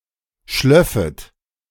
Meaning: second-person plural subjunctive II of schliefen
- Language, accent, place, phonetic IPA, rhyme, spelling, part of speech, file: German, Germany, Berlin, [ˈʃlœfət], -œfət, schlöffet, verb, De-schlöffet.ogg